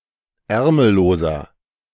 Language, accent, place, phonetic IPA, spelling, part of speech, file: German, Germany, Berlin, [ˈɛʁml̩loːzɐ], ärmelloser, adjective, De-ärmelloser.ogg
- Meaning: inflection of ärmellos: 1. strong/mixed nominative masculine singular 2. strong genitive/dative feminine singular 3. strong genitive plural